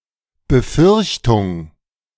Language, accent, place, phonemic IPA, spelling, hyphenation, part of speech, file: German, Germany, Berlin, /bəˈfʏʁçtʊŋ/, Befürchtung, Be‧fürch‧tung, noun, De-Befürchtung.ogg
- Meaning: apprehension, fear, misgiving